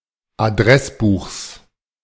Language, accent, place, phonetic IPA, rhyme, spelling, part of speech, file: German, Germany, Berlin, [aˈdʁɛsˌbuːxs], -ɛsbuːxs, Adressbuchs, noun, De-Adressbuchs.ogg
- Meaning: genitive of Adressbuch